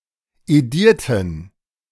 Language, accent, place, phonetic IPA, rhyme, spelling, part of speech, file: German, Germany, Berlin, [eˈdiːɐ̯tn̩], -iːɐ̯tn̩, edierten, adjective / verb, De-edierten.ogg
- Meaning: inflection of edieren: 1. first/third-person plural preterite 2. first/third-person plural subjunctive II